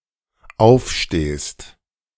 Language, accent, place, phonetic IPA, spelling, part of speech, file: German, Germany, Berlin, [ˈaʊ̯fˌʃteːst], aufstehst, verb, De-aufstehst.ogg
- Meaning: second-person singular dependent present of aufstehen